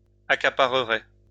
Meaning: third-person singular conditional of accaparer
- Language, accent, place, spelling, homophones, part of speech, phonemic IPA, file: French, France, Lyon, accaparerait, accapareraient / accaparerais, verb, /a.ka.pa.ʁə.ʁɛ/, LL-Q150 (fra)-accaparerait.wav